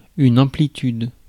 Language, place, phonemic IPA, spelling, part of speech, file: French, Paris, /ɑ̃.pli.tyd/, amplitude, noun, Fr-amplitude.ogg
- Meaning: amplitude